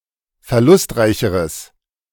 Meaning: strong/mixed nominative/accusative neuter singular comparative degree of verlustreich
- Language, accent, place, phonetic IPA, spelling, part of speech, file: German, Germany, Berlin, [fɛɐ̯ˈlʊstˌʁaɪ̯çəʁəs], verlustreicheres, adjective, De-verlustreicheres.ogg